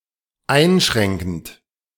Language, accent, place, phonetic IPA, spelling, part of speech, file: German, Germany, Berlin, [ˈaɪ̯nˌʃʁɛŋkn̩t], einschränkend, verb, De-einschränkend.ogg
- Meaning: present participle of einschränken